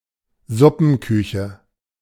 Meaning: soup kitchen
- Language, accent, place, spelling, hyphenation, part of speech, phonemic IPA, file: German, Germany, Berlin, Suppenküche, Sup‧pen‧kü‧che, noun, /ˈzʊpn̩ˌkʏçə/, De-Suppenküche.ogg